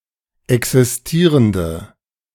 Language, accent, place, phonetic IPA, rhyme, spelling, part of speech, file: German, Germany, Berlin, [ˌɛksɪsˈtiːʁəndə], -iːʁəndə, existierende, adjective, De-existierende.ogg
- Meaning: inflection of existierend: 1. strong/mixed nominative/accusative feminine singular 2. strong nominative/accusative plural 3. weak nominative all-gender singular